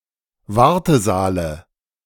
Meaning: dative of Wartesaal
- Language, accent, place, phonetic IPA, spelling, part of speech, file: German, Germany, Berlin, [ˈvaʁtəˌzaːlə], Wartesaale, noun, De-Wartesaale.ogg